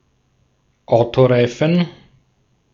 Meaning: car tyre / tire
- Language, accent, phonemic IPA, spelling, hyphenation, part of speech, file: German, Austria, /ˈaʊ̯toˌʁaɪ̯fn̩/, Autoreifen, Au‧to‧rei‧fen, noun, De-at-Autoreifen.ogg